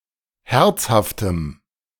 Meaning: strong dative masculine/neuter singular of herzhaft
- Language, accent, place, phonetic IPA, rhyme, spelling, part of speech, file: German, Germany, Berlin, [ˈhɛʁt͡shaftəm], -ɛʁt͡shaftəm, herzhaftem, adjective, De-herzhaftem.ogg